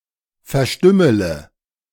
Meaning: inflection of verstümmeln: 1. first-person singular present 2. first-person plural subjunctive I 3. third-person singular subjunctive I 4. singular imperative
- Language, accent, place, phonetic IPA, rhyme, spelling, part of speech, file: German, Germany, Berlin, [fɛɐ̯ˈʃtʏmələ], -ʏmələ, verstümmele, verb, De-verstümmele.ogg